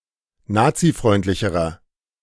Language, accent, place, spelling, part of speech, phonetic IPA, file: German, Germany, Berlin, nazifreundlicherer, adjective, [ˈnaːt͡siˌfʁɔɪ̯ntlɪçəʁɐ], De-nazifreundlicherer.ogg
- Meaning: inflection of nazifreundlich: 1. strong/mixed nominative masculine singular comparative degree 2. strong genitive/dative feminine singular comparative degree